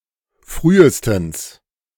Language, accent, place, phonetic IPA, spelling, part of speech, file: German, Germany, Berlin, [ˈfʁyːəstn̩s], frühestens, adverb, De-frühestens.ogg
- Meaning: at the earliest